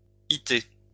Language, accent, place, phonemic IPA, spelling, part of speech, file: French, France, Lyon, /i.te/, -ité, suffix, LL-Q150 (fra)--ité.wav
- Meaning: alternative form of -té, giving a quality or characteristic of an adjective; -ity